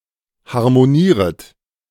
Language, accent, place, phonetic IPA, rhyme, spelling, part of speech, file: German, Germany, Berlin, [haʁmoˈniːʁət], -iːʁət, harmonieret, verb, De-harmonieret.ogg
- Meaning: second-person plural subjunctive I of harmonieren